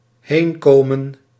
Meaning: place of refuge
- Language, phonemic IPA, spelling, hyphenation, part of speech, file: Dutch, /ˈɦeːnˌkoː.mə(n)/, heenkomen, heen‧ko‧men, noun, Nl-heenkomen.ogg